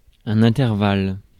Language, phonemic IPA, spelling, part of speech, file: French, /ɛ̃.tɛʁ.val/, intervalle, noun, Fr-intervalle.ogg
- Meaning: interval